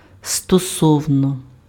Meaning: concerning, in relation to
- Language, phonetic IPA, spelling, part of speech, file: Ukrainian, [stɔˈsɔu̯nɔ], стосовно, preposition, Uk-стосовно.ogg